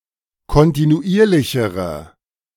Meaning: inflection of kontinuierlich: 1. strong/mixed nominative/accusative feminine singular comparative degree 2. strong nominative/accusative plural comparative degree
- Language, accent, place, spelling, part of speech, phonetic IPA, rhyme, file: German, Germany, Berlin, kontinuierlichere, adjective, [kɔntinuˈʔiːɐ̯lɪçəʁə], -iːɐ̯lɪçəʁə, De-kontinuierlichere.ogg